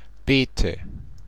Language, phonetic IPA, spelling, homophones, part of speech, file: German, [ˈbeːtə], bete, Beete / Bete, verb, DE-bete.ogg
- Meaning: inflection of beten: 1. first-person singular present 2. singular imperative 3. first/third-person singular subjunctive I